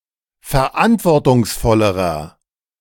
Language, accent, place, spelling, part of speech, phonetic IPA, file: German, Germany, Berlin, verantwortungsvollerer, adjective, [fɛɐ̯ˈʔantvɔʁtʊŋsˌfɔləʁɐ], De-verantwortungsvollerer.ogg
- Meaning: inflection of verantwortungsvoll: 1. strong/mixed nominative masculine singular comparative degree 2. strong genitive/dative feminine singular comparative degree